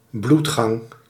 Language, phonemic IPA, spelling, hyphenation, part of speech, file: Dutch, /ˈblut.xɑŋ/, bloedgang, bloed‧gang, noun, Nl-bloedgang.ogg
- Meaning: dysentery